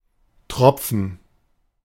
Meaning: 1. drop 2. gerund of tropfen
- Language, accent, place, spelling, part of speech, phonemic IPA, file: German, Germany, Berlin, Tropfen, noun, /ˈtʁɔpfən/, De-Tropfen.ogg